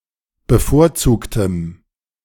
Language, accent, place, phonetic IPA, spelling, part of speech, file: German, Germany, Berlin, [bəˈfoːɐ̯ˌt͡suːktəm], bevorzugtem, adjective, De-bevorzugtem.ogg
- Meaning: strong dative masculine/neuter singular of bevorzugt